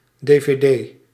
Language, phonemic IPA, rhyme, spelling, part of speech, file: Dutch, /deː.veːˈdeː/, -eː, dvd, noun, Nl-dvd.ogg
- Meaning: DVD